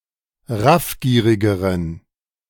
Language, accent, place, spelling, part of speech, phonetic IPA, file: German, Germany, Berlin, raffgierigeren, adjective, [ˈʁafˌɡiːʁɪɡəʁən], De-raffgierigeren.ogg
- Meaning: inflection of raffgierig: 1. strong genitive masculine/neuter singular comparative degree 2. weak/mixed genitive/dative all-gender singular comparative degree